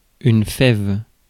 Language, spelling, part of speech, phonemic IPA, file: French, fève, noun, /fɛv/, Fr-fève.ogg
- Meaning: 1. strictly, a fava bean (Vicia faba) 2. non-legume beans, as in coffee beans